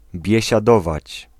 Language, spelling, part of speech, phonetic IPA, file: Polish, biesiadować, verb, [ˌbʲjɛ̇ɕaˈdɔvat͡ɕ], Pl-biesiadować.ogg